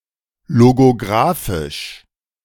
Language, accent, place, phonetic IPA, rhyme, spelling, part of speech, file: German, Germany, Berlin, [loɡoˈɡʁaːfɪʃ], -aːfɪʃ, logographisch, adjective, De-logographisch.ogg
- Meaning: alternative form of logografisch